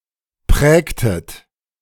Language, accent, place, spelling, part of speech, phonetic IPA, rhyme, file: German, Germany, Berlin, prägtet, verb, [ˈpʁɛːktət], -ɛːktət, De-prägtet.ogg
- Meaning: inflection of prägen: 1. second-person plural preterite 2. second-person plural subjunctive II